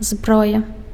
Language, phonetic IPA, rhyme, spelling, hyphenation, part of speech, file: Belarusian, [ˈzbroja], -oja, зброя, зброя, noun, Be-зброя.ogg
- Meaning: weapon, armament, arms